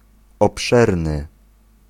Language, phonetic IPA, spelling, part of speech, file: Polish, [ɔpˈʃɛrnɨ], obszerny, adjective, Pl-obszerny.ogg